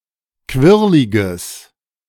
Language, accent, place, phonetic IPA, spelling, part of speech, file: German, Germany, Berlin, [ˈkvɪʁlɪɡəs], quirliges, adjective, De-quirliges.ogg
- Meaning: strong/mixed nominative/accusative neuter singular of quirlig